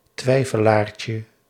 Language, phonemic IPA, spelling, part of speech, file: Dutch, /ˈtwɛifəlarcə/, twijfelaartje, noun, Nl-twijfelaartje.ogg
- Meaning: diminutive of twijfelaar